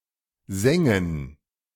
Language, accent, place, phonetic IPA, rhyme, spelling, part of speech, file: German, Germany, Berlin, [ˈzɛŋən], -ɛŋən, sängen, verb, De-sängen.ogg
- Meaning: first/third-person plural subjunctive II of singen